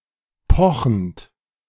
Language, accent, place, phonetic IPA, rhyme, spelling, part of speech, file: German, Germany, Berlin, [ˈpɔxn̩t], -ɔxn̩t, pochend, verb, De-pochend.ogg
- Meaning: present participle of pochen